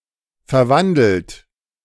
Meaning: 1. past participle of verwandeln 2. inflection of verwandeln: third-person singular present 3. inflection of verwandeln: second-person plural present 4. inflection of verwandeln: plural imperative
- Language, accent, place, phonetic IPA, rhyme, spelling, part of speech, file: German, Germany, Berlin, [fɛɐ̯ˈvandl̩t], -andl̩t, verwandelt, verb, De-verwandelt.ogg